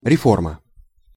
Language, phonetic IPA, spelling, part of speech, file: Russian, [rʲɪˈformə], реформа, noun, Ru-реформа.ogg
- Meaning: reform